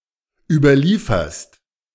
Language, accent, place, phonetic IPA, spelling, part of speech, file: German, Germany, Berlin, [ˌyːbɐˈliːfɐst], überlieferst, verb, De-überlieferst.ogg
- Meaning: second-person singular present of überliefern